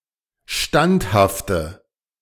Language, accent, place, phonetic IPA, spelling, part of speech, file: German, Germany, Berlin, [ˈʃtanthaftə], standhafte, adjective, De-standhafte.ogg
- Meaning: inflection of standhaft: 1. strong/mixed nominative/accusative feminine singular 2. strong nominative/accusative plural 3. weak nominative all-gender singular